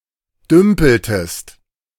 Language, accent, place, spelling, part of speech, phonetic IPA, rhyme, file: German, Germany, Berlin, dümpeltest, verb, [ˈdʏmpl̩təst], -ʏmpl̩təst, De-dümpeltest.ogg
- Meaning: inflection of dümpeln: 1. second-person singular preterite 2. second-person singular subjunctive II